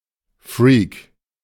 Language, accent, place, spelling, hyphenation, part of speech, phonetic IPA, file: German, Germany, Berlin, Freak, Freak, noun, [fɹiːk], De-Freak.ogg
- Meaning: freak (in the abnormal person sense)